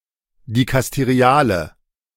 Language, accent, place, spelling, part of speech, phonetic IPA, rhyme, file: German, Germany, Berlin, dikasteriale, adjective, [dikasteˈʁi̯aːlə], -aːlə, De-dikasteriale.ogg
- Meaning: inflection of dikasterial: 1. strong/mixed nominative/accusative feminine singular 2. strong nominative/accusative plural 3. weak nominative all-gender singular